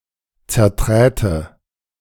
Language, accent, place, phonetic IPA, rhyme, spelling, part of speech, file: German, Germany, Berlin, [t͡sɛɐ̯ˈtʁɛːtə], -ɛːtə, zerträte, verb, De-zerträte.ogg
- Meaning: first/third-person singular subjunctive II of zertreten